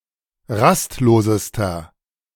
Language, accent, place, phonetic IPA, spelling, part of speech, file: German, Germany, Berlin, [ˈʁastˌloːzəstɐ], rastlosester, adjective, De-rastlosester.ogg
- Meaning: inflection of rastlos: 1. strong/mixed nominative masculine singular superlative degree 2. strong genitive/dative feminine singular superlative degree 3. strong genitive plural superlative degree